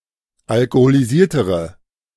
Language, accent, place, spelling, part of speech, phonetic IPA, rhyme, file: German, Germany, Berlin, alkoholisiertere, adjective, [alkoholiˈziːɐ̯təʁə], -iːɐ̯təʁə, De-alkoholisiertere.ogg
- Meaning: inflection of alkoholisiert: 1. strong/mixed nominative/accusative feminine singular comparative degree 2. strong nominative/accusative plural comparative degree